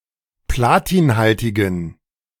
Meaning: inflection of platinhaltig: 1. strong genitive masculine/neuter singular 2. weak/mixed genitive/dative all-gender singular 3. strong/weak/mixed accusative masculine singular 4. strong dative plural
- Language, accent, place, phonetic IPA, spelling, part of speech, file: German, Germany, Berlin, [ˈplaːtiːnˌhaltɪɡn̩], platinhaltigen, adjective, De-platinhaltigen.ogg